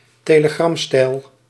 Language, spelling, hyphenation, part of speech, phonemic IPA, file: Dutch, telegramstijl, te‧le‧gram‧stijl, noun, /teːləˈɡrɑmˌstɛi̯l/, Nl-telegramstijl.ogg
- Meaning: telegram style, telegraphic style